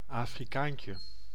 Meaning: marigold (plant of the genus Tagetes)
- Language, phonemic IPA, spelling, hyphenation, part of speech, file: Dutch, /ˌaː.friˈkaːn.tjə/, afrikaantje, afri‧kaan‧tje, noun, Nl-afrikaantje.ogg